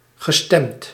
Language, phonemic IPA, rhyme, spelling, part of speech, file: Dutch, /ɣə.ˈstɛmt/, -ɛmt, gestemd, verb, Nl-gestemd.ogg
- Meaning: past participle of stemmen